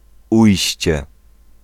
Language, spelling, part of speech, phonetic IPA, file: Polish, Ujście, proper noun, [ˈujɕt͡ɕɛ], Pl-Ujście.ogg